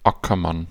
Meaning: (noun) plowman, ploughman (British spelling) (male or of unspecified gender); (proper noun) a surname originating as an occupation
- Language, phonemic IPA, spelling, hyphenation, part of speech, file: German, /ˈakɐˌman/, Ackermann, Acker‧mann, noun / proper noun, De-Ackermann.ogg